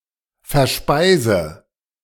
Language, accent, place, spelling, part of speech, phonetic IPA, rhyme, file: German, Germany, Berlin, verspeise, verb, [fɛɐ̯ˈʃpaɪ̯zə], -aɪ̯zə, De-verspeise.ogg
- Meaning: inflection of verspeisen: 1. first-person singular present 2. first/third-person singular subjunctive I 3. singular imperative